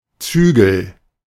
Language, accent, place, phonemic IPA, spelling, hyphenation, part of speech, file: German, Germany, Berlin, /ˈt͡syːɡəl/, Zügel, Zü‧gel, noun, De-Zügel.ogg
- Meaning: 1. rein (used to control a horse) 2. restraint, control, check